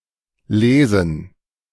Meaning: gerund of lesen; reading
- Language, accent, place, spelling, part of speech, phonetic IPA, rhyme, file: German, Germany, Berlin, Lesen, noun, [ˈleːzn̩], -eːzn̩, De-Lesen.ogg